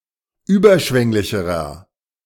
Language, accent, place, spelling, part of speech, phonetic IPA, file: German, Germany, Berlin, überschwänglicherer, adjective, [ˈyːbɐˌʃvɛŋlɪçəʁɐ], De-überschwänglicherer.ogg
- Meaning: inflection of überschwänglich: 1. strong/mixed nominative masculine singular comparative degree 2. strong genitive/dative feminine singular comparative degree